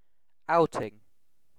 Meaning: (noun) 1. A pleasure trip or excursion 2. A performance in public, for example in a drama, film, on a musical album, as a sports contestant etc
- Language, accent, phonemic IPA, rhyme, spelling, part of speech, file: English, UK, /ˈaʊtɪŋ/, -aʊtɪŋ, outing, noun / verb, En-uk-outing.ogg